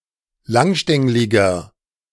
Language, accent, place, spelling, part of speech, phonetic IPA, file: German, Germany, Berlin, langstängliger, adjective, [ˈlaŋˌʃtɛŋlɪɡɐ], De-langstängliger.ogg
- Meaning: 1. comparative degree of langstänglig 2. inflection of langstänglig: strong/mixed nominative masculine singular 3. inflection of langstänglig: strong genitive/dative feminine singular